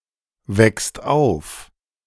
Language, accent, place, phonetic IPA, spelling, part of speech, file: German, Germany, Berlin, [ˌvɛkst ˈaʊ̯f], weckst auf, verb, De-weckst auf.ogg
- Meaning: second-person singular present of aufwecken